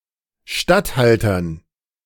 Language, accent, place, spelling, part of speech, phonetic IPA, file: German, Germany, Berlin, Statthaltern, noun, [ˈʃtatˌhaltɐn], De-Statthaltern.ogg
- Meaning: dative plural of Statthalter